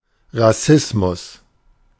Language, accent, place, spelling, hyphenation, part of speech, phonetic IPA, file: German, Germany, Berlin, Rassismus, Ras‧sis‧mus, noun, [ʁaˈsɪsmʊs], De-Rassismus.ogg
- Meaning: racism